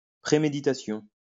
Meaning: premeditation
- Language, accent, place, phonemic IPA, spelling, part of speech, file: French, France, Lyon, /pʁe.me.di.ta.sjɔ̃/, préméditation, noun, LL-Q150 (fra)-préméditation.wav